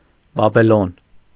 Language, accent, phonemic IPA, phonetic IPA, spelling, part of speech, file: Armenian, Eastern Armenian, /bɑbeˈlon/, [bɑbelón], Բաբելոն, proper noun, Hy-Բաբելոն.ogg
- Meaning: Babylon (an ancient city, the ancient capital of Babylonia in modern Iraq, built on the banks of the Euphrates)